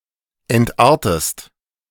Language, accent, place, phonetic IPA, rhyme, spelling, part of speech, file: German, Germany, Berlin, [ɛntˈʔaːɐ̯təst], -aːɐ̯təst, entartest, verb, De-entartest.ogg
- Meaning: inflection of entarten: 1. second-person singular present 2. second-person singular subjunctive I